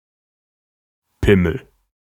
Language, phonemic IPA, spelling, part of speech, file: German, /ˈpɪməl/, Pimmel, noun, De-Pimmel.ogg
- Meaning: A penis